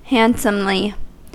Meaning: Regarding a person's action: in a handsome or good-looking manner
- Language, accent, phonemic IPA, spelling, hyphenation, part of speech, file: English, General American, /ˈhæn(t)səmli/, handsomely, hand‧some‧ly, adverb, En-us-handsomely.ogg